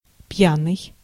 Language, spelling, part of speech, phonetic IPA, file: Russian, пьяный, adjective / noun, [ˈp⁽ʲ⁾janɨj], Ru-пьяный.ogg
- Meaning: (adjective) 1. drunk 2. related to foods with alcoholic drinks; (noun) drunk person, drunk, drunkard